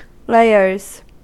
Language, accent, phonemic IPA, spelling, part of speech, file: English, US, /ˈleɪ.ɚz/, layers, noun / verb, En-us-layers.ogg
- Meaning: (noun) plural of layer; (verb) third-person singular simple present indicative of layer